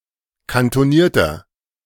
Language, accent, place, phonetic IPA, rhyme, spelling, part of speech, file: German, Germany, Berlin, [kantoˈniːɐ̯tɐ], -iːɐ̯tɐ, kantonierter, adjective, De-kantonierter.ogg
- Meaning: inflection of kantoniert: 1. strong/mixed nominative masculine singular 2. strong genitive/dative feminine singular 3. strong genitive plural